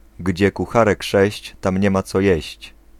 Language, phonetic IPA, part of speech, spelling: Polish, [ˈɟd͡ʑɛ kuˈxarɛk ˈʃɛɕt͡ɕ ˈtãmʲ ˈɲɛ‿ma ˈt͡sɔ ˈjɛ̇ɕt͡ɕ], proverb, gdzie kucharek sześć, tam nie ma co jeść